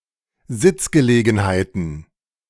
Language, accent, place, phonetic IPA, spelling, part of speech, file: German, Germany, Berlin, [ˈzɪt͡sɡəˌleːɡn̩haɪ̯tn̩], Sitzgelegenheiten, noun, De-Sitzgelegenheiten.ogg
- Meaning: plural of Sitzgelegenheit